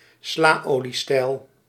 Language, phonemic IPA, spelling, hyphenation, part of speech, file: Dutch, /ˈslaː.oː.liˌstɛi̯l/, slaoliestijl, sla‧olie‧stijl, noun, Nl-slaoliestijl.ogg
- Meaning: art nouveau